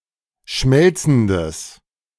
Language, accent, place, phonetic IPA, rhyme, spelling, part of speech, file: German, Germany, Berlin, [ˈʃmɛlt͡sn̩dəs], -ɛlt͡sn̩dəs, schmelzendes, adjective, De-schmelzendes.ogg
- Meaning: strong/mixed nominative/accusative neuter singular of schmelzend